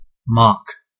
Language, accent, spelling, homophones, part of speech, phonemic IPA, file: English, US, mock, mark / Mark, noun / verb / adjective, /mɑk/, En-us-mock.ogg
- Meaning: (noun) 1. An imitation, usually of lesser quality 2. Mockery; the act of mocking 3. Ellipsis of mock examination